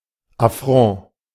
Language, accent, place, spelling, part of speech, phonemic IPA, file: German, Germany, Berlin, Affront, noun, /aˈfʁɔ̃ː/, De-Affront.ogg
- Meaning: affront